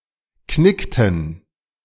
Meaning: inflection of knicken: 1. first/third-person plural preterite 2. first/third-person plural subjunctive II
- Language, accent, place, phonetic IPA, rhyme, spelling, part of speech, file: German, Germany, Berlin, [ˈknɪktn̩], -ɪktn̩, knickten, verb, De-knickten.ogg